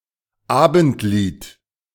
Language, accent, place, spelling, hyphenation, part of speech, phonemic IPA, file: German, Germany, Berlin, Abendlied, Abend‧lied, noun, /ˈaːbəntˌliːt/, De-Abendlied.ogg
- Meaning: evening song